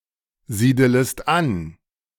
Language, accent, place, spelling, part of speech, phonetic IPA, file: German, Germany, Berlin, siedelest an, verb, [ˌziːdələst ˈan], De-siedelest an.ogg
- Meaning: second-person singular subjunctive I of ansiedeln